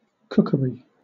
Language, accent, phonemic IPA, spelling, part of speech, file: English, Southern England, /ˈkʊk(ə)ɹi/, cookery, noun, LL-Q1860 (eng)-cookery.wav
- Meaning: 1. The art and practice of preparing food for consumption, especially by the application of heat; cooking 2. A delicacy; a dainty 3. Cooking tools or apparatus 4. A place where cooking is done